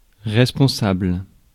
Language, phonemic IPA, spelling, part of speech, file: French, /ʁɛs.pɔ̃.sabl/, responsable, adjective / noun, Fr-responsable.ogg
- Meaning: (adjective) responsible; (noun) person in charge, manager